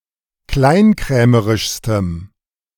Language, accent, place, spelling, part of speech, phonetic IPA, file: German, Germany, Berlin, kleinkrämerischstem, adjective, [ˈklaɪ̯nˌkʁɛːməʁɪʃstəm], De-kleinkrämerischstem.ogg
- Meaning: strong dative masculine/neuter singular superlative degree of kleinkrämerisch